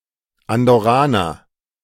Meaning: Andorran ([male or female] man from Andorra)
- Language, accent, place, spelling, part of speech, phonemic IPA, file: German, Germany, Berlin, Andorraner, noun, /andɔˈʁaːnɐ/, De-Andorraner.ogg